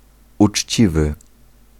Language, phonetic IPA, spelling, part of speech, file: Polish, [ut͡ʃʲˈt͡ɕivɨ], uczciwy, adjective, Pl-uczciwy.ogg